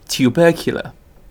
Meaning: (adjective) 1. Of, pertaining to, or having tuberculosis 2. Relating to or reminiscent of the wheezing sounds associated with the breathing of tuberculosis patients
- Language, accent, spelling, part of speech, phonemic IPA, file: English, UK, tubercular, adjective / noun, /tjuˈbɜːkjələ(ɹ)/, En-uk-tubercular.ogg